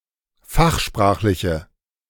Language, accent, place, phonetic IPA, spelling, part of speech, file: German, Germany, Berlin, [ˈfaxˌʃpʁaːxlɪçə], fachsprachliche, adjective, De-fachsprachliche.ogg
- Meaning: inflection of fachsprachlich: 1. strong/mixed nominative/accusative feminine singular 2. strong nominative/accusative plural 3. weak nominative all-gender singular